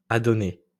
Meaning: first/second-person singular imperfect indicative of adonner
- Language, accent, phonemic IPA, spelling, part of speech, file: French, France, /a.dɔ.nɛ/, adonnais, verb, LL-Q150 (fra)-adonnais.wav